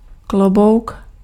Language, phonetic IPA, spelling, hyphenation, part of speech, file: Czech, [ˈklobou̯k], klobouk, klo‧bouk, noun, Cs-klobouk.ogg
- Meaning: hat